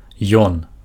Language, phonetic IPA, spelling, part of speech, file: Belarusian, [jon], ён, pronoun, Be-ён.ogg
- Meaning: he